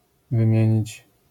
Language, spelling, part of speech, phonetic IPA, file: Polish, wymienić, verb, [vɨ̃ˈmʲjɛ̇̃ɲit͡ɕ], LL-Q809 (pol)-wymienić.wav